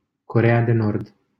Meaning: North Korea (a country in East Asia, whose territory consists of the northern part of Korea; official name: Republica Populară Democratică a Coreei)
- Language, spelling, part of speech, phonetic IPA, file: Romanian, Coreea de Nord, proper noun, [koˈre.e̯a.deˌnord], LL-Q7913 (ron)-Coreea de Nord.wav